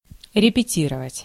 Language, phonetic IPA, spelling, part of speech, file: Russian, [rʲɪpʲɪˈtʲirəvətʲ], репетировать, verb, Ru-репетировать.ogg
- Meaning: 1. to rehearse 2. to coach